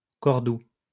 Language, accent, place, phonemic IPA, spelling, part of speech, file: French, France, Lyon, /kɔʁ.du/, Cordoue, proper noun, LL-Q150 (fra)-Cordoue.wav
- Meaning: 1. Córdoba (the capital of the province of Córdoba, Andalusia, Spain) 2. Córdoba (a province of Andalusia, Spain, around the city)